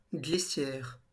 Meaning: slide, chute
- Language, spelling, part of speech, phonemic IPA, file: French, glissière, noun, /ɡli.sjɛʁ/, LL-Q150 (fra)-glissière.wav